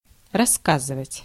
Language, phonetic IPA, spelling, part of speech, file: Russian, [rɐs(ː)ˈkazɨvətʲ], рассказывать, verb, Ru-рассказывать.ogg
- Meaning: 1. to tell 2. to relate, to narrate, to recount